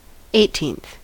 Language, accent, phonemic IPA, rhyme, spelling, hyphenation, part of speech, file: English, US, /ˌeɪˈtiːnθ/, -iːnθ, eighteenth, eigh‧teenth, adjective / noun, En-us-eighteenth.ogg
- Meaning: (adjective) The ordinal form of the number eighteen; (noun) 1. The person or thing in the eighteenth position 2. One of eighteen equal parts of a whole 3. A party to celebrate an eighteenth birthday